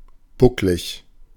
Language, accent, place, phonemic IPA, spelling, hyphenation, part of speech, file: German, Germany, Berlin, /ˈbʊklɪç/, bucklig, buck‧lig, adjective, De-bucklig.ogg
- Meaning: 1. humped, humpbacked 2. bumpy